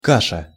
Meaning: 1. porridge, gruel 2. mash, mush 3. muddle, mess, confusion
- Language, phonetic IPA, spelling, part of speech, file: Russian, [ˈkaʂə], каша, noun, Ru-каша.ogg